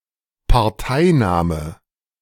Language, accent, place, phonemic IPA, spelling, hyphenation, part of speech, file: German, Germany, Berlin, /paʁˈtaɪ̯ˌnaːmə/, Parteinahme, Par‧tei‧nahme, noun, De-Parteinahme.ogg
- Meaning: partisanship, taking sides